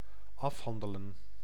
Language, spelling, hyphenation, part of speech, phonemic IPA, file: Dutch, afhandelen, af‧han‧de‧len, verb, /ˈɑfˌɦɑndələ(n)/, Nl-afhandelen.ogg
- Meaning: to argue out, settle